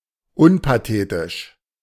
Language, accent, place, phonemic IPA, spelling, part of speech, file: German, Germany, Berlin, /ˈʊnpaˌteːtɪʃ/, unpathetisch, adjective, De-unpathetisch.ogg
- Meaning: unpathetic